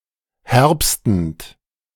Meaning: present participle of herbsten
- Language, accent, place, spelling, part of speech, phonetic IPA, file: German, Germany, Berlin, herbstend, verb, [ˈhɛʁpstn̩t], De-herbstend.ogg